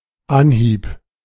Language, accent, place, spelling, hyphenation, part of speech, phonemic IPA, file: German, Germany, Berlin, Anhieb, An‧hieb, noun, /ˈanˌhiːp/, De-Anhieb.ogg
- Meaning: 1. first time 2. yank of the fishing rod (to get the hook in the fish's mouth)